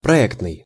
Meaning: 1. planned, designed 2. project, design, planning
- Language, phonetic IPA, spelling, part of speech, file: Russian, [prɐˈɛktnɨj], проектный, adjective, Ru-проектный.ogg